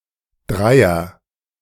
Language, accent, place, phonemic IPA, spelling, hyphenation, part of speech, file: German, Germany, Berlin, /ˈdʁaɪ̯ɐ/, dreier, drei‧er, numeral, De-dreier.ogg
- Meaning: genitive plural of drei